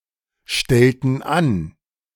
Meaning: inflection of anstellen: 1. first/third-person plural preterite 2. first/third-person plural subjunctive II
- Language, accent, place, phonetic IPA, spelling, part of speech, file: German, Germany, Berlin, [ˌʃtɛltn̩ ˈan], stellten an, verb, De-stellten an.ogg